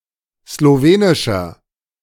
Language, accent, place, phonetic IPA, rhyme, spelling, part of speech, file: German, Germany, Berlin, [sloˈveːnɪʃɐ], -eːnɪʃɐ, slowenischer, adjective, De-slowenischer.ogg
- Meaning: 1. comparative degree of slowenisch 2. inflection of slowenisch: strong/mixed nominative masculine singular 3. inflection of slowenisch: strong genitive/dative feminine singular